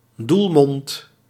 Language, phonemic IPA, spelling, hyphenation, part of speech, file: Dutch, /ˈdul.mɔnt/, doelmond, doel‧mond, noun, Nl-doelmond.ogg
- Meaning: goalmouth